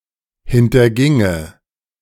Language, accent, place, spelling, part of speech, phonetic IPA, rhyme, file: German, Germany, Berlin, hinterginge, verb, [hɪntɐˈɡɪŋə], -ɪŋə, De-hinterginge.ogg
- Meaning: first/third-person singular subjunctive II of hintergehen